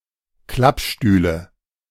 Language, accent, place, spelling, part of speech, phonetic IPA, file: German, Germany, Berlin, Klappstühle, noun, [ˈklapˌʃtyːlə], De-Klappstühle.ogg
- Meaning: nominative/accusative/genitive plural of Klappstuhl